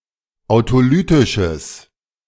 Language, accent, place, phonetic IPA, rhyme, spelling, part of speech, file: German, Germany, Berlin, [aʊ̯toˈlyːtɪʃəs], -yːtɪʃəs, autolytisches, adjective, De-autolytisches.ogg
- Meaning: strong/mixed nominative/accusative neuter singular of autolytisch